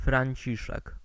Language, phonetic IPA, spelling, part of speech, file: Polish, [frãɲˈt͡ɕiʃɛk], Franciszek, proper noun, Pl-Franciszek.ogg